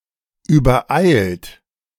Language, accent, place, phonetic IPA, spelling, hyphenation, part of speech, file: German, Germany, Berlin, [yːbɐˈaɪ̯lt], übereilt, über‧eilt, verb / adjective, De-übereilt.ogg
- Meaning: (verb) past participle of übereilen; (adjective) overhasty, precipitate